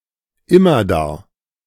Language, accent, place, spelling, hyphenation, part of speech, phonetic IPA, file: German, Germany, Berlin, immerdar, im‧mer‧dar, adverb, [ˈɪmɐˌdaːɐ̯], De-immerdar.ogg
- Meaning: forever